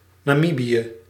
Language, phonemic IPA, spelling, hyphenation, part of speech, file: Dutch, /naːˈmi.bi.jə/, Namibië, Na‧mi‧bi‧ë, proper noun, Nl-Namibië.ogg
- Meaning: Namibia (a country in Southern Africa)